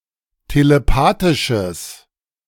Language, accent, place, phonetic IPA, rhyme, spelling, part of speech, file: German, Germany, Berlin, [teleˈpaːtɪʃəs], -aːtɪʃəs, telepathisches, adjective, De-telepathisches.ogg
- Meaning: strong/mixed nominative/accusative neuter singular of telepathisch